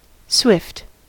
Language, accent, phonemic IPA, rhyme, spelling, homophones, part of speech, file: English, US, /swɪft/, -ɪft, swift, Swift, adjective / adverb / noun, En-us-swift.ogg
- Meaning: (adjective) 1. Fast; quick; rapid 2. Capable of moving at high speeds 3. Quick-thinking; bright; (adverb) Swiftly